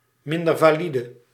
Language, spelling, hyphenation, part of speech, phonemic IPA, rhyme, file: Dutch, mindervalide, min‧der‧va‧li‧de, noun / adjective, /ˌmɪn.dər.vaːˈli.də/, -idə, Nl-mindervalide.ogg
- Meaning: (noun) disabled person, handicapped person; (adjective) disabled, handicapped